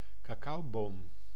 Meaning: the cacao tree, Theobroma cacao
- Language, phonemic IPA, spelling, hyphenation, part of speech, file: Dutch, /kɑˈkɑu̯ˌboːm/, cacaoboom, ca‧cao‧boom, noun, Nl-cacaoboom.ogg